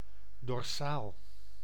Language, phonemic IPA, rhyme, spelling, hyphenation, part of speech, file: Dutch, /dɔrˈsaːl/, -aːl, dorsaal, dor‧saal, adjective, Nl-dorsaal.ogg
- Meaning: dorsal